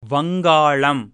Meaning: 1. Bengal (a geographic region in the northeast of South Asia today divided between Bangladesh and India (particularly the state of West Bengal)) 2. the Bengali language
- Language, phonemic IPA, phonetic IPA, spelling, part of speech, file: Tamil, /ʋɐŋɡɑːɭɐm/, [ʋɐŋɡäːɭɐm], வங்காளம், proper noun, Ta-வங்காளம்.ogg